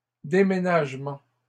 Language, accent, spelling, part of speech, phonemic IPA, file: French, Canada, déménagements, noun, /de.me.naʒ.mɑ̃/, LL-Q150 (fra)-déménagements.wav
- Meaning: plural of déménagement